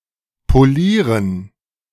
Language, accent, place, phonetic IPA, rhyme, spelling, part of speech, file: German, Germany, Berlin, [ˌpoˈliːʁən], -iːʁən, Polieren, noun, De-Polieren.ogg
- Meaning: dative plural of Polier